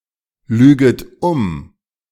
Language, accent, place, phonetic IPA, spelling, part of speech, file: German, Germany, Berlin, [ˌlyːɡət ˈʊm], lüget um, verb, De-lüget um.ogg
- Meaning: second-person plural subjunctive I of umlügen